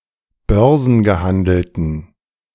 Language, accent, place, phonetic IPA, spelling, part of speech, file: German, Germany, Berlin, [ˈbœʁzn̩ɡəˌhandl̩tn̩], börsengehandelten, adjective, De-börsengehandelten.ogg
- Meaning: inflection of börsengehandelt: 1. strong genitive masculine/neuter singular 2. weak/mixed genitive/dative all-gender singular 3. strong/weak/mixed accusative masculine singular 4. strong dative plural